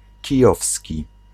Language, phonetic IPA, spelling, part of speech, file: Polish, [ciˈjɔfsʲci], kijowski, adjective, Pl-kijowski.ogg